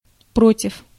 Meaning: 1. against 2. opposite
- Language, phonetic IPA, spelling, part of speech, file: Russian, [ˈprotʲɪf], против, preposition, Ru-против.ogg